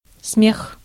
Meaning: laugh, laughter
- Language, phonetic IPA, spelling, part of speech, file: Russian, [smʲex], смех, noun, Ru-смех.ogg